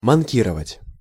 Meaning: 1. to be absent, to miss 2. to neglect
- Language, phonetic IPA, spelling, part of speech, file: Russian, [mɐnˈkʲirəvətʲ], манкировать, verb, Ru-манкировать.ogg